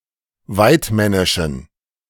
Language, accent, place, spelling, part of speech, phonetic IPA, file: German, Germany, Berlin, waidmännischen, adjective, [ˈvaɪ̯tˌmɛnɪʃn̩], De-waidmännischen.ogg
- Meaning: inflection of waidmännisch: 1. strong genitive masculine/neuter singular 2. weak/mixed genitive/dative all-gender singular 3. strong/weak/mixed accusative masculine singular 4. strong dative plural